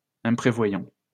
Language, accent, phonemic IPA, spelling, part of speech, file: French, France, /ɛ̃.pʁe.vwa.jɑ̃/, imprévoyant, adjective, LL-Q150 (fra)-imprévoyant.wav
- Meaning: improvident